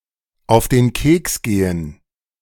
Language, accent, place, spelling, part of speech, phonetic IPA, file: German, Germany, Berlin, auf den Keks gehen, verb, [aʊ̯f deːn ˈkeːks ˌɡeːən], De-auf den Keks gehen.ogg
- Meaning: synonym of auf die Nerven gehen